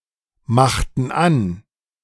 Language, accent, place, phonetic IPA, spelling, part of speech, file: German, Germany, Berlin, [ˌmaxtn̩ ˈan], machten an, verb, De-machten an.ogg
- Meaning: inflection of anmachen: 1. first/third-person plural preterite 2. first/third-person plural subjunctive II